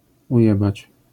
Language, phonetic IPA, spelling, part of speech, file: Polish, [uˈjɛbat͡ɕ], ujebać, verb, LL-Q809 (pol)-ujebać.wav